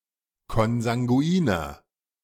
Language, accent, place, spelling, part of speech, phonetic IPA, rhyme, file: German, Germany, Berlin, konsanguiner, adjective, [kɔnzaŋɡuˈiːnɐ], -iːnɐ, De-konsanguiner.ogg
- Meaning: inflection of konsanguin: 1. strong/mixed nominative masculine singular 2. strong genitive/dative feminine singular 3. strong genitive plural